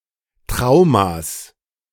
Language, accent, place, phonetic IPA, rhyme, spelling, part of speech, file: German, Germany, Berlin, [ˈtʁaʊ̯mas], -aʊ̯mas, Traumas, noun, De-Traumas.ogg
- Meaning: genitive singular of Trauma